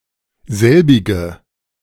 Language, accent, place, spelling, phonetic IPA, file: German, Germany, Berlin, selbige, [ˈzɛlbɪɡə], De-selbige.ogg
- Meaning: inflection of selbig: 1. strong/mixed nominative/accusative feminine singular 2. strong nominative/accusative plural 3. weak nominative all-gender singular 4. weak accusative feminine/neuter singular